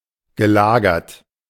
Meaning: past participle of lagern
- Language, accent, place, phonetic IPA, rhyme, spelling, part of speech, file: German, Germany, Berlin, [ɡəˈlaːɡɐt], -aːɡɐt, gelagert, adjective / verb, De-gelagert.ogg